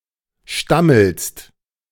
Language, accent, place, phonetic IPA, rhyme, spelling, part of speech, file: German, Germany, Berlin, [ˈʃtaml̩st], -aml̩st, stammelst, verb, De-stammelst.ogg
- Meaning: second-person singular present of stammeln